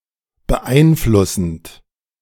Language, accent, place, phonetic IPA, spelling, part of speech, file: German, Germany, Berlin, [bəˈʔaɪ̯nˌflʊsn̩t], beeinflussend, verb, De-beeinflussend.ogg
- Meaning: present participle of beeinflussen